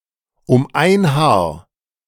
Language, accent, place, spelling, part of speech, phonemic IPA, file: German, Germany, Berlin, um ein Haar, prepositional phrase, /ʊm aɪ̯n haːɐ̯/, De-um ein Haar.ogg
- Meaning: by a hair's breadth